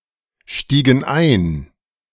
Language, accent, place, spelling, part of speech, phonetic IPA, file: German, Germany, Berlin, stiegen ein, verb, [ˌʃtiːɡn̩ ˈaɪ̯n], De-stiegen ein.ogg
- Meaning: inflection of einsteigen: 1. first/third-person plural preterite 2. first/third-person plural subjunctive II